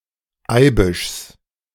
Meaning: genitive of Eibisch
- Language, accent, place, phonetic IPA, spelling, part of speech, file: German, Germany, Berlin, [ˈaɪ̯bɪʃs], Eibischs, noun, De-Eibischs.ogg